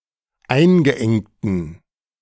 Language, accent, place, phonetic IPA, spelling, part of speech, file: German, Germany, Berlin, [ˈaɪ̯nɡəˌʔɛŋtn̩], eingeengten, adjective, De-eingeengten.ogg
- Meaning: inflection of eingeengt: 1. strong genitive masculine/neuter singular 2. weak/mixed genitive/dative all-gender singular 3. strong/weak/mixed accusative masculine singular 4. strong dative plural